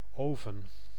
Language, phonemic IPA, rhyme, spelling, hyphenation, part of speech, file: Dutch, /ˈoː.vən/, -oːvən, oven, oven, noun, Nl-oven.ogg
- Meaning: oven, furnace